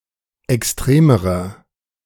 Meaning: inflection of extrem: 1. strong/mixed nominative masculine singular comparative degree 2. strong genitive/dative feminine singular comparative degree 3. strong genitive plural comparative degree
- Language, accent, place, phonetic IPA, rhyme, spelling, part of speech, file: German, Germany, Berlin, [ɛksˈtʁeːməʁɐ], -eːməʁɐ, extremerer, adjective, De-extremerer.ogg